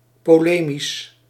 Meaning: polemic
- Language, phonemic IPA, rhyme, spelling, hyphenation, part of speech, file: Dutch, /ˌpoːˈleː.mis/, -eːmis, polemisch, po‧le‧misch, adjective, Nl-polemisch.ogg